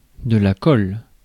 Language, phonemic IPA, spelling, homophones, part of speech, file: French, /kɔl/, colle, col / collent / colles / cols / khôlle, noun / verb, Fr-colle.ogg
- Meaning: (noun) 1. glue 2. oral examination at a prépa or during the PASS 3. conundrum, stumper (difficult question) 4. detention